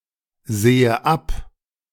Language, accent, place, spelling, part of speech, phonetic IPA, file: German, Germany, Berlin, sehe ab, verb, [ˌzeːə ˈap], De-sehe ab.ogg
- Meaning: inflection of absehen: 1. first-person singular present 2. first/third-person singular subjunctive I